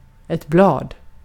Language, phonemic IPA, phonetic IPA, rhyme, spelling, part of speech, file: Swedish, /¹blɑːd/, [¹bl̪ɑːd̪], -ɑːd, blad, noun, Sv-blad.ogg
- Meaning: a leaf (including in the broad sense that includes needles and the like (to botanists and often not to other people, in both Swedish and English – not a technical word in itself))